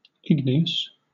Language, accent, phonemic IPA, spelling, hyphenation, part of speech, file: English, Southern England, /ˈɪɡ.ni.əs/, igneous, ig‧ne‧ous, adjective, LL-Q1860 (eng)-igneous.wav
- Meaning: 1. Pertaining to or having the nature of fire; containing fire; resembling fire 2. Resulting from, or produced by, great heat. With rocks, it could also mean formed from lava or magma